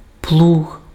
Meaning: plough, plow
- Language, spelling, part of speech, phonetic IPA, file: Ukrainian, плуг, noun, [pɫuɦ], Uk-плуг.ogg